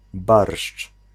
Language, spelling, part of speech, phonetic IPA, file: Polish, barszcz, noun, [barʃt͡ʃ], Pl-barszcz.ogg